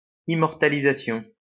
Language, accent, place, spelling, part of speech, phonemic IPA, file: French, France, Lyon, immortalisation, noun, /i.mɔʁ.ta.li.za.sjɔ̃/, LL-Q150 (fra)-immortalisation.wav
- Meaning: immortalization